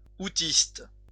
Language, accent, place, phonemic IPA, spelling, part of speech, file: French, France, Lyon, /u.tist/, houthiste, adjective, LL-Q150 (fra)-houthiste.wav
- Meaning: Houthist